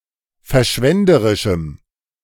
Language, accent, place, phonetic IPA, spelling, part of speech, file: German, Germany, Berlin, [fɛɐ̯ˈʃvɛndəʁɪʃm̩], verschwenderischem, adjective, De-verschwenderischem.ogg
- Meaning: strong dative masculine/neuter singular of verschwenderisch